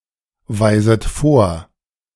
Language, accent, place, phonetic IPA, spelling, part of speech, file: German, Germany, Berlin, [ˌvaɪ̯zət ˈfoːɐ̯], weiset vor, verb, De-weiset vor.ogg
- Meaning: second-person plural subjunctive I of vorweisen